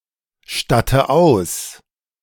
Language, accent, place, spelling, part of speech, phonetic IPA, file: German, Germany, Berlin, statte aus, verb, [ˌʃtatə ˈaʊ̯s], De-statte aus.ogg
- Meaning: inflection of ausstatten: 1. first-person singular present 2. first/third-person singular subjunctive I 3. singular imperative